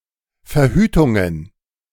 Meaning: plural of Verhütung
- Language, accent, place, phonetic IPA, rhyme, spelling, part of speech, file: German, Germany, Berlin, [fɛɐ̯ˈhyːtʊŋən], -yːtʊŋən, Verhütungen, noun, De-Verhütungen.ogg